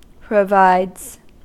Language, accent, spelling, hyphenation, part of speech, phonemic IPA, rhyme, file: English, US, provides, pro‧vides, verb, /pɹəˈvaɪdz/, -aɪdz, En-us-provides.ogg
- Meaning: third-person singular simple present indicative of provide